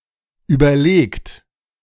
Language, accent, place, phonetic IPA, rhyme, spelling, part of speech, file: German, Germany, Berlin, [ˌyːbɐˈleːkt], -eːkt, überlegt, verb, De-überlegt.ogg
- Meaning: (verb) past participle of überlegen; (adjective) considerate, deliberate; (adverb) considerately, deliberately; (verb) inflection of überlegen: third-person singular present